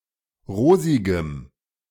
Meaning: strong dative masculine/neuter singular of rosig
- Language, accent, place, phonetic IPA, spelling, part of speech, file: German, Germany, Berlin, [ˈʁoːzɪɡəm], rosigem, adjective, De-rosigem.ogg